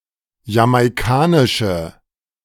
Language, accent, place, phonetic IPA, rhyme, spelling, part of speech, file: German, Germany, Berlin, [jamaɪ̯ˈkaːnɪʃə], -aːnɪʃə, jamaikanische, adjective, De-jamaikanische.ogg
- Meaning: inflection of jamaikanisch: 1. strong/mixed nominative/accusative feminine singular 2. strong nominative/accusative plural 3. weak nominative all-gender singular